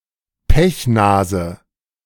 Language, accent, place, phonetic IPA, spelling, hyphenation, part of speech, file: German, Germany, Berlin, [ˈpɛçˌnaːzə], Pechnase, Pech‧na‧se, noun, De-Pechnase.ogg
- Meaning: machicolation, bretèche